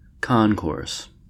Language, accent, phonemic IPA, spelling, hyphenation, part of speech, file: English, US, /ˈkɒŋkɔː(ɹ)s/, concourse, con‧course, noun, En-us-concourse.ogg